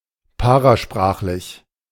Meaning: paralinguistic
- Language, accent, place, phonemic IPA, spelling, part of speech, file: German, Germany, Berlin, /ˈpaʁaˌʃpʁaːχlɪç/, parasprachlich, adjective, De-parasprachlich.ogg